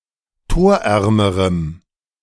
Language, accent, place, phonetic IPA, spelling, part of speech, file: German, Germany, Berlin, [ˈtoːɐ̯ˌʔɛʁməʁəm], torärmerem, adjective, De-torärmerem.ogg
- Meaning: strong dative masculine/neuter singular comparative degree of torarm